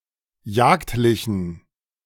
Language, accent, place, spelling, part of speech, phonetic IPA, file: German, Germany, Berlin, jagdlichen, adjective, [ˈjaːktlɪçn̩], De-jagdlichen.ogg
- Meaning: inflection of jagdlich: 1. strong genitive masculine/neuter singular 2. weak/mixed genitive/dative all-gender singular 3. strong/weak/mixed accusative masculine singular 4. strong dative plural